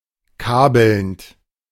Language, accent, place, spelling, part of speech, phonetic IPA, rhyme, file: German, Germany, Berlin, kabelnd, verb, [ˈkaːbl̩nt], -aːbl̩nt, De-kabelnd.ogg
- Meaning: present participle of kabeln